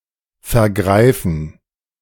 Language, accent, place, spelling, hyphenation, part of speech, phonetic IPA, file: German, Germany, Berlin, vergreifen, ver‧grei‧fen, verb, [fɛɐ̯ˈɡʁaɪ̯fn̩], De-vergreifen.ogg
- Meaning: 1. to misappropriate 2. to (sexually) assault, abuse